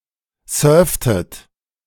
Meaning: inflection of surfen: 1. second-person plural preterite 2. second-person plural subjunctive II
- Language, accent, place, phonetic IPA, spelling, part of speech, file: German, Germany, Berlin, [ˈsœːɐ̯ftət], surftet, verb, De-surftet.ogg